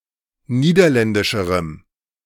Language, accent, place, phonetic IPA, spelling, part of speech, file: German, Germany, Berlin, [ˈniːdɐˌlɛndɪʃəʁəm], niederländischerem, adjective, De-niederländischerem.ogg
- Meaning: strong dative masculine/neuter singular comparative degree of niederländisch